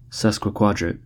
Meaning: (adjective) Of or noting the aspect or position of any two celestial bodies separated by 135°
- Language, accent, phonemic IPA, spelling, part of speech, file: English, US, /ˌsɛskwɪˈkwɒdɹət/, sesquiquadrate, adjective / noun, En-us-sesquiquadrate.ogg